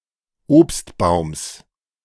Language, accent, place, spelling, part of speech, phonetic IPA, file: German, Germany, Berlin, Obstbaums, noun, [ˈoːpstˌbaʊ̯ms], De-Obstbaums.ogg
- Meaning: genitive singular of Obstbaum